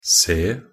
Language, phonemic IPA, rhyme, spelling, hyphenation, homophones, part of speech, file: Norwegian Bokmål, /seː/, -eː, se, se, C / c, verb, Nb-se.ogg
- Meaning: to see (perceive with the eyes)